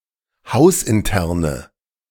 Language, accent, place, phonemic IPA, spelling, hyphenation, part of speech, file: German, Germany, Berlin, /ˈhaʊ̯sʔɪnˌtɛʁnə/, hausinterne, haus‧in‧ter‧ne, adjective, De-hausinterne.ogg
- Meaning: inflection of hausintern: 1. strong/mixed nominative/accusative feminine singular 2. strong nominative/accusative plural 3. weak nominative all-gender singular